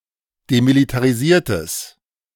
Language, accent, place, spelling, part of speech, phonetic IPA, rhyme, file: German, Germany, Berlin, demilitarisiertes, adjective, [demilitaʁiˈziːɐ̯təs], -iːɐ̯təs, De-demilitarisiertes.ogg
- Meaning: strong/mixed nominative/accusative neuter singular of demilitarisiert